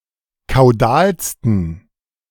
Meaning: 1. superlative degree of kaudal 2. inflection of kaudal: strong genitive masculine/neuter singular superlative degree
- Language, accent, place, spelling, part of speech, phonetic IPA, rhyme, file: German, Germany, Berlin, kaudalsten, adjective, [kaʊ̯ˈdaːlstn̩], -aːlstn̩, De-kaudalsten.ogg